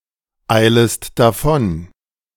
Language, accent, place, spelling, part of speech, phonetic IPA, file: German, Germany, Berlin, eilest davon, verb, [ˌaɪ̯ləst daˈfɔn], De-eilest davon.ogg
- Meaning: second-person singular subjunctive I of davoneilen